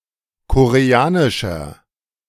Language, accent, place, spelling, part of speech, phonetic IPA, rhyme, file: German, Germany, Berlin, koreanischer, adjective, [koʁeˈaːnɪʃɐ], -aːnɪʃɐ, De-koreanischer.ogg
- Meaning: 1. comparative degree of koreanisch 2. inflection of koreanisch: strong/mixed nominative masculine singular 3. inflection of koreanisch: strong genitive/dative feminine singular